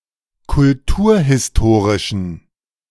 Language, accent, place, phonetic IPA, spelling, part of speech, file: German, Germany, Berlin, [kʊlˈtuːɐ̯hɪsˌtoːʁɪʃn̩], kulturhistorischen, adjective, De-kulturhistorischen.ogg
- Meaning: inflection of kulturhistorisch: 1. strong genitive masculine/neuter singular 2. weak/mixed genitive/dative all-gender singular 3. strong/weak/mixed accusative masculine singular